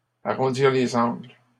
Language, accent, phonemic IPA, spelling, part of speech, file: French, Canada, /a.ʁɔ̃.diʁ le.z‿ɑ̃ɡl/, arrondir les angles, verb, LL-Q150 (fra)-arrondir les angles.wav
- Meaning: to smooth things out, to smooth things over